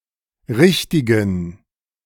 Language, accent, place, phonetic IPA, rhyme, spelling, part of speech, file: German, Germany, Berlin, [ˈʁɪçtɪɡn̩], -ɪçtɪɡn̩, richtigen, adjective, De-richtigen.ogg
- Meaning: inflection of richtig: 1. strong genitive masculine/neuter singular 2. weak/mixed genitive/dative all-gender singular 3. strong/weak/mixed accusative masculine singular 4. strong dative plural